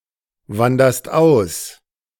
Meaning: second-person singular present of auswandern
- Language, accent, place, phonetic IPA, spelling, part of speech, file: German, Germany, Berlin, [ˌvandɐst ˈaʊ̯s], wanderst aus, verb, De-wanderst aus.ogg